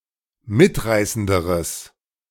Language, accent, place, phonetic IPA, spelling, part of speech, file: German, Germany, Berlin, [ˈmɪtˌʁaɪ̯səndəʁəs], mitreißenderes, adjective, De-mitreißenderes.ogg
- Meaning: strong/mixed nominative/accusative neuter singular comparative degree of mitreißend